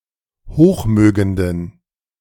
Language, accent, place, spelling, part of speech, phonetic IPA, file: German, Germany, Berlin, hochmögenden, adjective, [ˈhoːxˌmøːɡəndn̩], De-hochmögenden.ogg
- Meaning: inflection of hochmögend: 1. strong genitive masculine/neuter singular 2. weak/mixed genitive/dative all-gender singular 3. strong/weak/mixed accusative masculine singular 4. strong dative plural